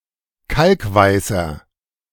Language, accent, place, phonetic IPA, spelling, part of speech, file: German, Germany, Berlin, [ˈkalkˌvaɪ̯sɐ], kalkweißer, adjective, De-kalkweißer.ogg
- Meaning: inflection of kalkweiß: 1. strong/mixed nominative masculine singular 2. strong genitive/dative feminine singular 3. strong genitive plural